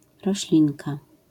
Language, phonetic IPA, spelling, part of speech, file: Polish, [rɔɕˈlʲĩnka], roślinka, noun, LL-Q809 (pol)-roślinka.wav